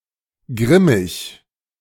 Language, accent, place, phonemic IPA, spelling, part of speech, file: German, Germany, Berlin, /ɡʁɪmɪç/, grimmig, adjective, De-grimmig.ogg
- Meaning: 1. grim, fierce, ferocious 2. grumpy (facial expression)